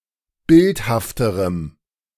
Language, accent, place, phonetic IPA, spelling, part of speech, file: German, Germany, Berlin, [ˈbɪlthaftəʁəm], bildhafterem, adjective, De-bildhafterem.ogg
- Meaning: strong dative masculine/neuter singular comparative degree of bildhaft